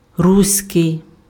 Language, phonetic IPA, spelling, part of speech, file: Ukrainian, [ˈrusʲkei̯], руський, adjective, Uk-руський.ogg
- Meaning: 1. Rusian (related to the Rus, Kievan Rus) 2. Old Ruthenian 3. Ukrainian